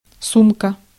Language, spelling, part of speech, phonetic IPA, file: Russian, сумка, noun, [ˈsumkə], Ru-сумка.ogg
- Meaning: 1. bag, handbag (US: purse) 2. pouch 3. satchel 4. wallet